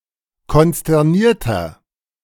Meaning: 1. comparative degree of konsterniert 2. inflection of konsterniert: strong/mixed nominative masculine singular 3. inflection of konsterniert: strong genitive/dative feminine singular
- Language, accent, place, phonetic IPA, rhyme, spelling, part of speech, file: German, Germany, Berlin, [kɔnstɛʁˈniːɐ̯tɐ], -iːɐ̯tɐ, konsternierter, adjective, De-konsternierter.ogg